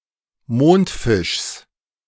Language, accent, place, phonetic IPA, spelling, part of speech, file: German, Germany, Berlin, [ˈmoːntˌfɪʃs], Mondfischs, noun, De-Mondfischs.ogg
- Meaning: genitive of Mondfisch